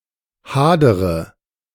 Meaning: inflection of hadern: 1. first-person singular present 2. first-person plural subjunctive I 3. third-person singular subjunctive I 4. singular imperative
- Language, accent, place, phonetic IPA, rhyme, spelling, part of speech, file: German, Germany, Berlin, [ˈhaːdəʁə], -aːdəʁə, hadere, verb, De-hadere.ogg